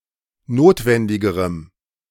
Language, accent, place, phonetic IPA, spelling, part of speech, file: German, Germany, Berlin, [ˈnoːtvɛndɪɡəʁəm], notwendigerem, adjective, De-notwendigerem.ogg
- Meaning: strong dative masculine/neuter singular comparative degree of notwendig